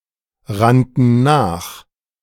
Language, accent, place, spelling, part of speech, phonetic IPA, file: German, Germany, Berlin, rannten nach, verb, [ˌʁantn̩ ˈnaːx], De-rannten nach.ogg
- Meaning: first/third-person plural preterite of nachrennen